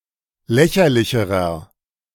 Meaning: inflection of lächerlich: 1. strong/mixed nominative masculine singular comparative degree 2. strong genitive/dative feminine singular comparative degree 3. strong genitive plural comparative degree
- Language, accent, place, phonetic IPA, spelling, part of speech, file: German, Germany, Berlin, [ˈlɛçɐlɪçəʁɐ], lächerlicherer, adjective, De-lächerlicherer.ogg